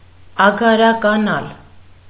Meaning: 1. to turn into a farmstead 2. to be deserted, unpeopled
- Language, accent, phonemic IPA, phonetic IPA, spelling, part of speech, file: Armenian, Eastern Armenian, /ɑɡɑɾɑkɑˈnɑl/, [ɑɡɑɾɑkɑnɑ́l], ագարականալ, verb, Hy-ագարականալ.ogg